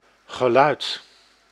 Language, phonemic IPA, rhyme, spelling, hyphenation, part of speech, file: Dutch, /ɣəˈlœy̯t/, -œy̯t, geluid, ge‧luid, noun / verb, Nl-geluid.ogg
- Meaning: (noun) sound; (verb) past participle of luiden